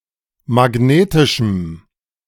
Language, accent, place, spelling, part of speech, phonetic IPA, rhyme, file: German, Germany, Berlin, magnetischem, adjective, [maˈɡneːtɪʃm̩], -eːtɪʃm̩, De-magnetischem.ogg
- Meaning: strong dative masculine/neuter singular of magnetisch